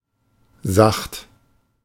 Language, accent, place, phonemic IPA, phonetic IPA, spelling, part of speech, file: German, Germany, Berlin, /zaxt/, [zaχt], sacht, adjective / adverb, De-sacht.ogg
- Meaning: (adjective) gentle, soft; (adverb) gently